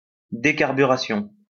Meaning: decarburation, decarbonization
- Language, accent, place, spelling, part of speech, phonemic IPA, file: French, France, Lyon, décarburation, noun, /de.kaʁ.by.ʁa.sjɔ̃/, LL-Q150 (fra)-décarburation.wav